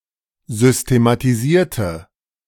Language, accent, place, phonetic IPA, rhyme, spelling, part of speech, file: German, Germany, Berlin, [ˌzʏstematiˈziːɐ̯tə], -iːɐ̯tə, systematisierte, adjective / verb, De-systematisierte.ogg
- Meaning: inflection of systematisieren: 1. first/third-person singular preterite 2. first/third-person singular subjunctive II